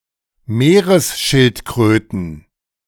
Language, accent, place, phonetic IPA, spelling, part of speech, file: German, Germany, Berlin, [ˈmeːʁəsˌʃɪltkʁøːtn̩], Meeresschildkröten, noun, De-Meeresschildkröten.ogg
- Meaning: plural of Meeresschildkröte